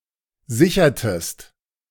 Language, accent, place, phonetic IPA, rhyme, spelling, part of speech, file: German, Germany, Berlin, [ˈzɪçɐtəst], -ɪçɐtəst, sichertest, verb, De-sichertest.ogg
- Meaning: inflection of sichern: 1. second-person singular preterite 2. second-person singular subjunctive II